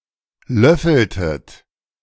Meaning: inflection of löffeln: 1. second-person plural preterite 2. second-person plural subjunctive II
- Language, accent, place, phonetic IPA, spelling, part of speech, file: German, Germany, Berlin, [ˈlœfl̩tət], löffeltet, verb, De-löffeltet.ogg